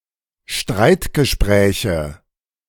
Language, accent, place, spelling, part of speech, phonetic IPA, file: German, Germany, Berlin, Streitgespräche, noun, [ˈʃtʁaɪ̯tɡəˌʃpʁɛːçə], De-Streitgespräche.ogg
- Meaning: nominative/accusative/genitive plural of Streitgespräch